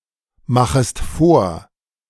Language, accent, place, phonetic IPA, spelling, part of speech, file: German, Germany, Berlin, [ˌmaxəst ˈfoːɐ̯], machest vor, verb, De-machest vor.ogg
- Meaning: second-person singular subjunctive I of vormachen